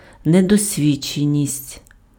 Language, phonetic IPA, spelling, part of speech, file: Ukrainian, [nedɔsʲˈʋʲid͡ʒt͡ʃenʲisʲtʲ], недосвідченість, noun, Uk-недосвідченість.ogg
- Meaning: inexperience